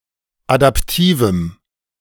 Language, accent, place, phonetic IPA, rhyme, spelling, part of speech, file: German, Germany, Berlin, [adapˈtiːvm̩], -iːvm̩, adaptivem, adjective, De-adaptivem.ogg
- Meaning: strong dative masculine/neuter singular of adaptiv